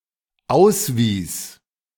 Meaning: first/third-person singular dependent preterite of ausweisen
- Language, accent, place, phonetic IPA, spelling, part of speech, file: German, Germany, Berlin, [ˈaʊ̯sˌviːs], auswies, verb, De-auswies.ogg